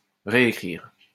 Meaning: 1. to rewrite (to write anew) 2. to rewrite (to change the wording of something written) 3. to write back (to reply to a written message by writing)
- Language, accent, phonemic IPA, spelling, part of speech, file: French, France, /ʁe.e.kʁiʁ/, réécrire, verb, LL-Q150 (fra)-réécrire.wav